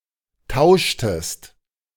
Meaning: inflection of tauschen: 1. second-person singular preterite 2. second-person singular subjunctive II
- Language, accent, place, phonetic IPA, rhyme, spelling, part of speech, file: German, Germany, Berlin, [ˈtaʊ̯ʃtəst], -aʊ̯ʃtəst, tauschtest, verb, De-tauschtest.ogg